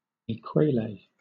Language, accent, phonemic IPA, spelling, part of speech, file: English, Southern England, /eɪˈkweɪleɪ/, ekwele, noun, LL-Q1860 (eng)-ekwele.wav
- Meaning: The former currency of Equatorial Guinea